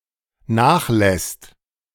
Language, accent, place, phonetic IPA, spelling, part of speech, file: German, Germany, Berlin, [ˈnaːxˌlɛst], nachlässt, verb, De-nachlässt.ogg
- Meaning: second/third-person singular dependent present of nachlassen